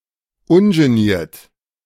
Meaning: 1. unashamed, unabashed 2. uninhibited, unrestrained
- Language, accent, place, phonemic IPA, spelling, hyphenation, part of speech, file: German, Germany, Berlin, /ˌʊnʒəˈniːɐ̯t/, ungeniert, un‧ge‧niert, adjective, De-ungeniert.ogg